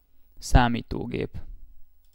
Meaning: computer (a programmable device)
- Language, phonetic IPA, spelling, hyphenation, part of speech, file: Hungarian, [ˈsaːmiːtoːɡeːp], számítógép, szá‧mí‧tó‧gép, noun, Hu-számítógép.ogg